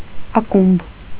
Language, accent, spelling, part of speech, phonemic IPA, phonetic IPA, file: Armenian, Eastern Armenian, ակումբ, noun, /ɑˈkumb/, [ɑkúmb], Hy-ակումբ.ogg
- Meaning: club; clubhouse